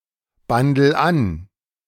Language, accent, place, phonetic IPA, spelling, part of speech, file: German, Germany, Berlin, [ˌbandl̩ ˈan], bandel an, verb, De-bandel an.ogg
- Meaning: inflection of anbandeln: 1. first-person singular present 2. singular imperative